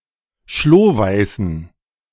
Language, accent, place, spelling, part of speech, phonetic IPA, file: German, Germany, Berlin, schlohweißen, adjective, [ˈʃloːˌvaɪ̯sn̩], De-schlohweißen.ogg
- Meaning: inflection of schlohweiß: 1. strong genitive masculine/neuter singular 2. weak/mixed genitive/dative all-gender singular 3. strong/weak/mixed accusative masculine singular 4. strong dative plural